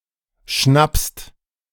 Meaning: second-person singular present of schnappen
- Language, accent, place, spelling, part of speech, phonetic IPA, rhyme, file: German, Germany, Berlin, schnappst, verb, [ʃnapst], -apst, De-schnappst.ogg